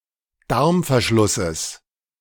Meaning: genitive singular of Darmverschluss
- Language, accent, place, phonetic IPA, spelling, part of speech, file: German, Germany, Berlin, [ˈdaʁmfɛɐ̯ˌʃlʊsəs], Darmverschlusses, noun, De-Darmverschlusses.ogg